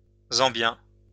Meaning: Zambian
- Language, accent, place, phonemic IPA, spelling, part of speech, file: French, France, Lyon, /zɑ̃.bjɛ̃/, zambien, adjective, LL-Q150 (fra)-zambien.wav